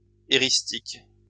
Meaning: eristic
- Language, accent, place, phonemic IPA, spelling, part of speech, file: French, France, Lyon, /e.ʁis.tik/, éristique, adjective, LL-Q150 (fra)-éristique.wav